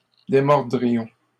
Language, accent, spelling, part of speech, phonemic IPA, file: French, Canada, démordrions, verb, /de.mɔʁ.dʁi.jɔ̃/, LL-Q150 (fra)-démordrions.wav
- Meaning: first-person plural conditional of démordre